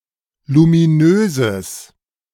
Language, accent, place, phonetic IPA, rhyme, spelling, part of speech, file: German, Germany, Berlin, [lumiˈnøːzəs], -øːzəs, luminöses, adjective, De-luminöses.ogg
- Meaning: strong/mixed nominative/accusative neuter singular of luminös